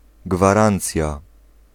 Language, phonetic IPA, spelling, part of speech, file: Polish, [ɡvaˈrãnt͡sʲja], gwarancja, noun, Pl-gwarancja.ogg